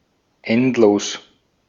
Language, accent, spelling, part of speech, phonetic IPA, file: German, Austria, endlos, adjective, [ˈɛntˌloːs], De-at-endlos.ogg
- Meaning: endless